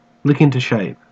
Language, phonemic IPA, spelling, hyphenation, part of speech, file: English, /ˌlɪk ɪn.tʉː ˈʃæɪ̯p/, lick into shape, lick in‧to shape, verb, En-au-lick into shape.ogg
- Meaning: To exert considerable effort to change (someone or something) into a desired state